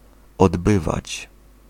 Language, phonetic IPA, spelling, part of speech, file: Polish, [ɔdˈbɨvat͡ɕ], odbywać, verb, Pl-odbywać.ogg